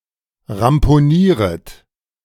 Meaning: second-person plural subjunctive I of ramponieren
- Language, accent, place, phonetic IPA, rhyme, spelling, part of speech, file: German, Germany, Berlin, [ʁampoˈniːʁət], -iːʁət, ramponieret, verb, De-ramponieret.ogg